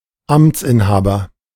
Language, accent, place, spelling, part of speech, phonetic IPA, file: German, Germany, Berlin, Amtsinhaber, noun, [ˈamt͡sʔɪnˌhaːbɐ], De-Amtsinhaber.ogg
- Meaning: officeholder, incumbent